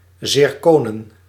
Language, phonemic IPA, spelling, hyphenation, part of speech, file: Dutch, /ˌzɪrˈkoː.nə(n)/, zirkonen, zir‧ko‧nen, noun, Nl-zirkonen.ogg
- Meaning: plural of zirkoon